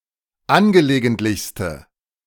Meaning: inflection of angelegentlich: 1. strong/mixed nominative/accusative feminine singular superlative degree 2. strong nominative/accusative plural superlative degree
- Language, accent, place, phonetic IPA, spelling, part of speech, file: German, Germany, Berlin, [ˈanɡəleːɡəntlɪçstə], angelegentlichste, adjective, De-angelegentlichste.ogg